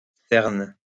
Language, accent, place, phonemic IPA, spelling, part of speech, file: French, France, Lyon, /sɛʁn/, CERN, proper noun, LL-Q150 (fra)-CERN.wav
- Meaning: CERN